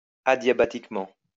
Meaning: adiabatically
- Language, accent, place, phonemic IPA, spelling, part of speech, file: French, France, Lyon, /a.dja.ba.tik.mɑ̃/, adiabatiquement, adverb, LL-Q150 (fra)-adiabatiquement.wav